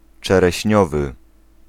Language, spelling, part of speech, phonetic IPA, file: Polish, czereśniowy, adjective, [ˌt͡ʃɛrɛɕˈɲɔvɨ], Pl-czereśniowy.ogg